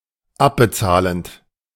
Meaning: present participle of abbezahlen
- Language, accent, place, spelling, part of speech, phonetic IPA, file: German, Germany, Berlin, abbezahlend, verb, [ˈapbəˌt͡saːlənt], De-abbezahlend.ogg